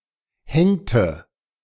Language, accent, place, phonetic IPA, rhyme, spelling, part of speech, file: German, Germany, Berlin, [ˈhɛŋtə], -ɛŋtə, hängte, verb, De-hängte.ogg
- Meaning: inflection of hängen: 1. first/third-person singular preterite 2. first/third-person singular subjunctive II